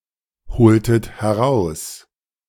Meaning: to witness, to testify
- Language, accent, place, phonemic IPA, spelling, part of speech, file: German, Germany, Berlin, /bəˈt͡sɔʏ̯ɡən/, bezeugen, verb, De-bezeugen.ogg